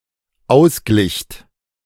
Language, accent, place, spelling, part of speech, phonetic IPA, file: German, Germany, Berlin, ausglicht, verb, [ˈaʊ̯sˌɡlɪçt], De-ausglicht.ogg
- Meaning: second-person plural dependent preterite of ausgleichen